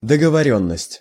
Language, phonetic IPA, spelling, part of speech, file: Russian, [dəɡəvɐˈrʲɵnːəsʲtʲ], договорённость, noun, Ru-договорённость.ogg
- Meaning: agreement (an understanding to follow a course of conduct)